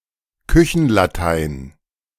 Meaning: dog Latin
- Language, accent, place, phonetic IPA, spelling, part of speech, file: German, Germany, Berlin, [ˈkʏçn̩laˌtaɪ̯n], Küchenlatein, noun, De-Küchenlatein.ogg